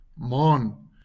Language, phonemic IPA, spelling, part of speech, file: Afrikaans, /mɑːn/, maan, noun, LL-Q14196 (afr)-maan.wav
- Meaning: moon